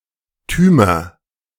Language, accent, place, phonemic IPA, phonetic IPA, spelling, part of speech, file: German, Germany, Berlin, /ˌtyːmər/, [ˌtyː.mɐ], -tümer, suffix, De--tümer.ogg
- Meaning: nominative/accusative/genitive plural of -tum